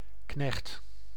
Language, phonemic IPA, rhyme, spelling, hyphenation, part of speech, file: Dutch, /knɛxt/, -ɛxt, knecht, knecht, noun, Nl-knecht.ogg
- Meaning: 1. a servant 2. an assistant, hand, employee 3. a flunky; often in diminutive form